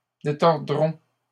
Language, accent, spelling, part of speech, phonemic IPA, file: French, Canada, détordront, verb, /de.tɔʁ.dʁɔ̃/, LL-Q150 (fra)-détordront.wav
- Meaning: third-person plural simple future of détordre